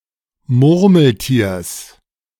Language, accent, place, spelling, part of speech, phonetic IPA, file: German, Germany, Berlin, Murmeltiers, noun, [ˈmʊʁml̩ˌtiːɐ̯s], De-Murmeltiers.ogg
- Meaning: genitive singular of Murmeltier